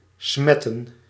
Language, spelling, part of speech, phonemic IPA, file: Dutch, smetten, verb / noun, /ˈsmɛtə(n)/, Nl-smetten.ogg
- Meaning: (verb) 1. to dirty, to foul 2. to defile 3. to infect; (noun) plural of smet